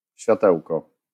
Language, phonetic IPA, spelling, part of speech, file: Polish, [ɕfʲjaˈtɛwkɔ], światełko, noun, LL-Q809 (pol)-światełko.wav